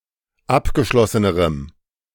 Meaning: strong dative masculine/neuter singular comparative degree of abgeschlossen
- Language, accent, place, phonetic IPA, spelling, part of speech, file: German, Germany, Berlin, [ˈapɡəˌʃlɔsənəʁəm], abgeschlossenerem, adjective, De-abgeschlossenerem.ogg